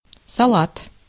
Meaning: 1. salad (dish) 2. lettuce
- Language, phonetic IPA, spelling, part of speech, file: Russian, [sɐˈɫat], салат, noun, Ru-салат.ogg